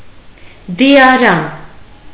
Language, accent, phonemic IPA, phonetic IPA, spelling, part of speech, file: Armenian, Eastern Armenian, /diɑˈɾɑn/, [di(j)ɑɾɑ́n], դիարան, noun, Hy-դիարան.ogg
- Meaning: morgue, mortuary